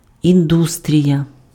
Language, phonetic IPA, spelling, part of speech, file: Ukrainian, [inˈdustʲrʲijɐ], індустрія, noun, Uk-індустрія.ogg
- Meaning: industry